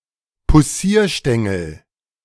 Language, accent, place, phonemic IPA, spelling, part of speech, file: German, Germany, Berlin, /puˈsiːɐ̯ˌʃtɛŋl̩/, Poussierstängel, noun, De-Poussierstängel.ogg
- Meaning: womanizer